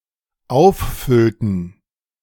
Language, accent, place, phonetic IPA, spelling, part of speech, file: German, Germany, Berlin, [ˈaʊ̯fˌfʏltn̩], auffüllten, verb, De-auffüllten.ogg
- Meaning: inflection of auffüllen: 1. first/third-person plural dependent preterite 2. first/third-person plural dependent subjunctive II